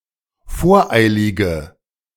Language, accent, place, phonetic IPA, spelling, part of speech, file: German, Germany, Berlin, [ˈfoːɐ̯ˌʔaɪ̯lɪɡə], voreilige, adjective, De-voreilige.ogg
- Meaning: inflection of voreilig: 1. strong/mixed nominative/accusative feminine singular 2. strong nominative/accusative plural 3. weak nominative all-gender singular